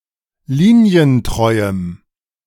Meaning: strong dative masculine/neuter singular of linientreu
- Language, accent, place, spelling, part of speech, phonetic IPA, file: German, Germany, Berlin, linientreuem, adjective, [ˈliːni̯ənˌtʁɔɪ̯əm], De-linientreuem.ogg